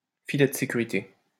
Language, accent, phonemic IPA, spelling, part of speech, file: French, France, /fi.lɛ d(ə) se.ky.ʁi.te/, filet de sécurité, noun, LL-Q150 (fra)-filet de sécurité.wav
- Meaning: safety net